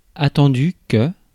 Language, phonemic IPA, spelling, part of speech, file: French, /a.tɑ̃.dy/, attendu, adjective / verb / preposition, Fr-attendu.ogg
- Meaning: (adjective) 1. awaited, anticipated 2. expected; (verb) past participle of attendre; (preposition) given, in view of